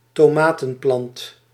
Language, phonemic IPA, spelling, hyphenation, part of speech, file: Dutch, /toːˈmaː.tə(n)ˌplɑnt/, tomatenplant, to‧ma‧ten‧plant, noun, Nl-tomatenplant.ogg
- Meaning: tomato plant (Solanum lycopersicum)